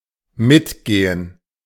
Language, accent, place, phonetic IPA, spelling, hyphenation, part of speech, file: German, Germany, Berlin, [ˈmɪtˌɡeːən], mitgehen, mit‧ge‧hen, verb, De-mitgehen.ogg
- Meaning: 1. to come along 2. to accompany